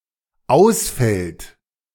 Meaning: inflection of ausfallen: 1. third-person singular present 2. second-person plural present
- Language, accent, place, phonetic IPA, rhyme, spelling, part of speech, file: German, Germany, Berlin, [ˈaʊ̯sˌfɛlt], -aʊ̯sfɛlt, ausfällt, verb, De-ausfällt.ogg